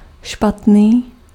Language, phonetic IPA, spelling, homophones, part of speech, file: Czech, [ˈʃpatniː], špatný, Špatný, adjective, Cs-špatný.ogg
- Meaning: bad